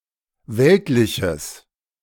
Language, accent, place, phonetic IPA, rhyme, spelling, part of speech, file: German, Germany, Berlin, [ˈvɛltlɪçəs], -ɛltlɪçəs, weltliches, adjective, De-weltliches.ogg
- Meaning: strong/mixed nominative/accusative neuter singular of weltlich